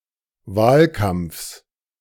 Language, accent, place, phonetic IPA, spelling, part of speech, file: German, Germany, Berlin, [ˈvaːlˌkamp͡fs], Wahlkampfs, noun, De-Wahlkampfs.ogg
- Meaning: genitive singular of Wahlkampf